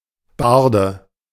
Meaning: bard, minstrel (male or of unspecified gender)
- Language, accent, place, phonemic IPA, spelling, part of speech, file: German, Germany, Berlin, /ˈbaʁdə/, Barde, noun, De-Barde.ogg